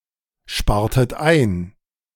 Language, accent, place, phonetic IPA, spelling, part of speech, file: German, Germany, Berlin, [ˌʃpaːɐ̯tət ˈaɪ̯n], spartet ein, verb, De-spartet ein.ogg
- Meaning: inflection of einsparen: 1. second-person plural preterite 2. second-person plural subjunctive II